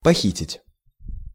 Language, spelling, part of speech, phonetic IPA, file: Russian, похитить, verb, [pɐˈxʲitʲɪtʲ], Ru-похитить.ogg
- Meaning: 1. to abduct, to kidnap 2. to purloin, to steal